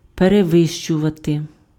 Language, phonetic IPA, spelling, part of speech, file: Ukrainian, [pereˈʋɪʃt͡ʃʊʋɐte], перевищувати, verb, Uk-перевищувати.ogg
- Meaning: 1. to exceed, to go beyond 2. to surpass, to outstrip, to outdo, to outmatch, to excel, to top